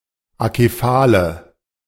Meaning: inflection of akephal: 1. strong/mixed nominative/accusative feminine singular 2. strong nominative/accusative plural 3. weak nominative all-gender singular 4. weak accusative feminine/neuter singular
- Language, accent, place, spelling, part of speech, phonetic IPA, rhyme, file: German, Germany, Berlin, akephale, adjective, [akeˈfaːlə], -aːlə, De-akephale.ogg